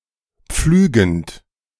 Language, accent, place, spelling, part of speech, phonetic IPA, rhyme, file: German, Germany, Berlin, pflügend, verb, [ˈp͡flyːɡn̩t], -yːɡn̩t, De-pflügend.ogg
- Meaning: present participle of pflügen